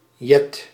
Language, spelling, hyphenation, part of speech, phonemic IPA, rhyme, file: Dutch, Jet, Jet, proper noun, /jɛt/, -ɛt, Nl-Jet.ogg
- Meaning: 1. a female given name 2. a hamlet in Súdwest-Fryslân, Friesland, Netherlands